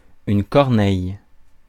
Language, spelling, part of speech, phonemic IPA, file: French, corneille, noun, /kɔʁ.nɛj/, Fr-corneille.ogg
- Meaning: crow (bird)